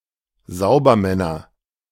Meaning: nominative/accusative/genitive plural of Saubermann
- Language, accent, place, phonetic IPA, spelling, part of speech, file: German, Germany, Berlin, [ˈzaʊ̯bɐˌmɛnɐ], Saubermänner, noun, De-Saubermänner.ogg